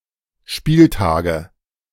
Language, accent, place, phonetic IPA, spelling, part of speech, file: German, Germany, Berlin, [ˈʃpiːlˌtaːɡə], Spieltage, noun, De-Spieltage.ogg
- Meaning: nominative/accusative/genitive plural of Spieltag